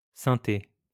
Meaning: 1. synthesizer 2. artificial turf
- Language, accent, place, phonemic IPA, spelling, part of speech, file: French, France, Lyon, /sɛ̃.te/, synthé, noun, LL-Q150 (fra)-synthé.wav